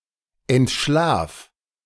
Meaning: singular imperative of entschlafen
- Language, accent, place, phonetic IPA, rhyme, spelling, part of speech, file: German, Germany, Berlin, [ɛntˈʃlaːf], -aːf, entschlaf, verb, De-entschlaf.ogg